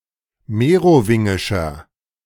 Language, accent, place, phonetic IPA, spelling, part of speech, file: German, Germany, Berlin, [ˈmeːʁoˌvɪŋɪʃɐ], merowingischer, adjective, De-merowingischer.ogg
- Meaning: inflection of merowingisch: 1. strong/mixed nominative masculine singular 2. strong genitive/dative feminine singular 3. strong genitive plural